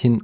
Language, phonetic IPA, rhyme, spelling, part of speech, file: German, [hɪn], -ɪn, hin, adverb, De-hin.ogg